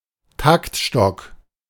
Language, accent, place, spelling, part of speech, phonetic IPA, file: German, Germany, Berlin, Taktstock, noun, [ˈtaktˌʃtɔk], De-Taktstock.ogg
- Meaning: baton